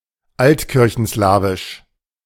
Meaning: Old Church Slavonic (related to the Old Church Slavonic language)
- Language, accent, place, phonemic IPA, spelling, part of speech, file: German, Germany, Berlin, /ˈaltkɪʁçn̩ˌslaːvɪʃ/, altkirchenslawisch, adjective, De-altkirchenslawisch.ogg